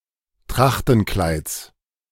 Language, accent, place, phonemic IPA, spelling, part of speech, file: German, Germany, Berlin, /ˈtʁaxtn̩ˌklaɪ̯ts/, Trachtenkleids, noun, De-Trachtenkleids.ogg
- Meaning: genitive singular of Trachtenkleid